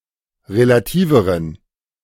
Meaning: inflection of relativ: 1. strong genitive masculine/neuter singular comparative degree 2. weak/mixed genitive/dative all-gender singular comparative degree
- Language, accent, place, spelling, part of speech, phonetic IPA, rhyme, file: German, Germany, Berlin, relativeren, adjective, [ʁelaˈtiːvəʁən], -iːvəʁən, De-relativeren.ogg